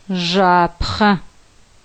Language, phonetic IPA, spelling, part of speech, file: Adyghe, [ʐaːpχa], жъапхъэ, noun, ʐaːpχa.ogg
- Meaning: pan